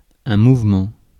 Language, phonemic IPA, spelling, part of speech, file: French, /muv.mɑ̃/, mouvement, noun, Fr-mouvement.ogg
- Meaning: 1. movement 2. motion